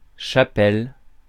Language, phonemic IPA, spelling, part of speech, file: French, /ʃa.pɛl/, chapelle, noun, Fr-chapelle.ogg
- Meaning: 1. chapel 2. covering for the head